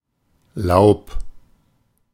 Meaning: 1. foliage, greenery, leaves (on a tree or fallen onto the ground, but particularly the latter) 2. leaves, a suit in German playing cards
- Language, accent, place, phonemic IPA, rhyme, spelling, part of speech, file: German, Germany, Berlin, /laʊ̯p/, -aʊ̯p, Laub, noun, De-Laub.ogg